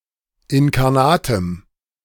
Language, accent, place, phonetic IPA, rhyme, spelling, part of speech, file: German, Germany, Berlin, [ɪnkaʁˈnaːtəm], -aːtəm, inkarnatem, adjective, De-inkarnatem.ogg
- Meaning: strong dative masculine/neuter singular of inkarnat